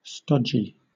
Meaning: 1. Dull, old-fashioned 2. Having a thick, semi-solid consistency; glutinous; heavy on the stomach 3. Badly put together
- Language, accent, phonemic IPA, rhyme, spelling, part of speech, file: English, Southern England, /ˈstɒ.d͡ʒi/, -ɒdʒi, stodgy, adjective, LL-Q1860 (eng)-stodgy.wav